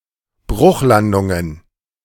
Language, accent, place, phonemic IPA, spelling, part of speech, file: German, Germany, Berlin, /ˈbʁʊxˌlandʊŋən/, Bruchlandungen, noun, De-Bruchlandungen.ogg
- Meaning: plural of Bruchlandung